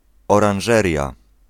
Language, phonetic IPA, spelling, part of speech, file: Polish, [ˌɔrãw̃ˈʒɛrʲja], oranżeria, noun, Pl-oranżeria.ogg